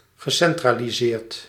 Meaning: past participle of centraliseren
- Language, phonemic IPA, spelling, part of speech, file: Dutch, /ɣəˌsɛntraliˈzert/, gecentraliseerd, verb, Nl-gecentraliseerd.ogg